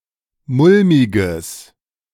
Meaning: strong/mixed nominative/accusative neuter singular of mulmig
- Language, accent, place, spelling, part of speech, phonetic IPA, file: German, Germany, Berlin, mulmiges, adjective, [ˈmʊlmɪɡəs], De-mulmiges.ogg